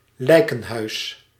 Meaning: mortuary, morgue
- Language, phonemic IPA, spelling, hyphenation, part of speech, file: Dutch, /ˈlɛi̯.kə(n)ˌɦœy̯s/, lijkenhuis, lij‧ken‧huis, noun, Nl-lijkenhuis.ogg